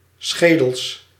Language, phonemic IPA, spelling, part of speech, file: Dutch, /ˈsxedəls/, schedels, noun, Nl-schedels.ogg
- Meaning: plural of schedel